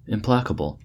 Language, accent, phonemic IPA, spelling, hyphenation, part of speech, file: English, US, /ɪmˈplækəbəl/, implacable, im‧pla‧ca‧ble, adjective, En-us-implacable.ogg
- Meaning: 1. Not able to be placated or appeased 2. Impossible to prevent or stop; inexorable, unrelenting, unstoppable 3. Adamant; immovable